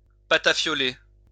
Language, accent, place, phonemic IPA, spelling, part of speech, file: French, France, Lyon, /pa.ta.fjɔ.le/, patafioler, verb, LL-Q150 (fra)-patafioler.wav
- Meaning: to punish